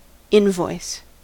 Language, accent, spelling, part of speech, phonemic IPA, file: English, US, invoice, noun / verb, /ˈɪnˌvɔɪs/, En-us-invoice.ogg